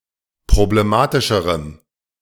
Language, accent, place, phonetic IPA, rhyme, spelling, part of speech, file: German, Germany, Berlin, [pʁobleˈmaːtɪʃəʁəm], -aːtɪʃəʁəm, problematischerem, adjective, De-problematischerem.ogg
- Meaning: strong dative masculine/neuter singular comparative degree of problematisch